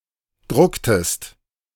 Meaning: inflection of drucken: 1. second-person singular preterite 2. second-person singular subjunctive II
- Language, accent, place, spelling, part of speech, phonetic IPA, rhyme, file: German, Germany, Berlin, drucktest, verb, [ˈdʁʊktəst], -ʊktəst, De-drucktest.ogg